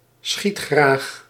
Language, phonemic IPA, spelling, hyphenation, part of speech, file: Dutch, /ˈsxit.xraːx/, schietgraag, schiet‧graag, adjective, Nl-schietgraag.ogg
- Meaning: 1. trigger-happy 2. eager to shoot at goal